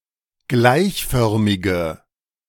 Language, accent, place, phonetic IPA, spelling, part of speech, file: German, Germany, Berlin, [ˈɡlaɪ̯çˌfœʁmɪɡə], gleichförmige, adjective, De-gleichförmige.ogg
- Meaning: inflection of gleichförmig: 1. strong/mixed nominative/accusative feminine singular 2. strong nominative/accusative plural 3. weak nominative all-gender singular